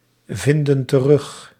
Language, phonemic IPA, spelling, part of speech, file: Dutch, /ˈvɪndə(n) t(ə)ˈrʏx/, vinden terug, verb, Nl-vinden terug.ogg
- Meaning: inflection of terugvinden: 1. plural present indicative 2. plural present subjunctive